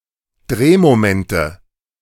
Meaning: nominative/accusative/genitive plural of Drehmoment
- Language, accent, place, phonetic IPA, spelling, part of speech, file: German, Germany, Berlin, [ˈdʁeːmoˌmɛntə], Drehmomente, noun, De-Drehmomente.ogg